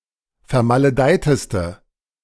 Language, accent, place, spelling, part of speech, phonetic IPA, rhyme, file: German, Germany, Berlin, vermaledeiteste, adjective, [fɛɐ̯maləˈdaɪ̯təstə], -aɪ̯təstə, De-vermaledeiteste.ogg
- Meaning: inflection of vermaledeit: 1. strong/mixed nominative/accusative feminine singular superlative degree 2. strong nominative/accusative plural superlative degree